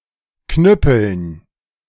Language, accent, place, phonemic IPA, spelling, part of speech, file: German, Germany, Berlin, /knʏp(ə)ln/, knüppeln, verb, De-knüppeln.ogg
- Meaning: 1. to bludgeon, to thrash, to hit with a stick 2. describes that a song is defined by a noticeably loud drum beat in a simple and steady uptempo rhythm